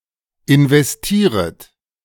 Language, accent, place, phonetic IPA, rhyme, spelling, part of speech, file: German, Germany, Berlin, [ɪnvɛsˈtiːʁət], -iːʁət, investieret, verb, De-investieret.ogg
- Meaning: second-person plural subjunctive I of investieren